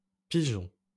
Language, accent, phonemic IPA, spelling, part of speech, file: French, France, /pi.ʒɔ̃/, pigeons, verb, LL-Q150 (fra)-pigeons.wav
- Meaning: inflection of piger: 1. first-person plural present indicative 2. first-person plural imperative